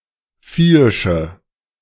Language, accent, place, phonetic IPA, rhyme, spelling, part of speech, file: German, Germany, Berlin, [ˈfiːɪʃə], -iːɪʃə, viehische, adjective, De-viehische.ogg
- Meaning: inflection of viehisch: 1. strong/mixed nominative/accusative feminine singular 2. strong nominative/accusative plural 3. weak nominative all-gender singular